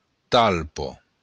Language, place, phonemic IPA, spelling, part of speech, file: Occitan, Béarn, /ˈtalpo/, talpa, noun, LL-Q14185 (oci)-talpa.wav
- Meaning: mole